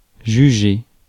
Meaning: 1. to judge, to try 2. to judge, to deem
- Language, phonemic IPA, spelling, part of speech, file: French, /ʒy.ʒe/, juger, verb, Fr-juger.ogg